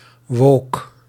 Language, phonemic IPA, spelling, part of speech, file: Dutch, /ʋoːk/, woke, adjective, Nl-woke.ogg
- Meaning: woke; holding left-wing views or attitudes, (especially) with regards to social justice issues to an excessive degree